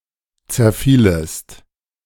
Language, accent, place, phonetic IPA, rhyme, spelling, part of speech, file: German, Germany, Berlin, [t͡sɛɐ̯ˈfiːləst], -iːləst, zerfielest, verb, De-zerfielest.ogg
- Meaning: second-person singular subjunctive II of zerfallen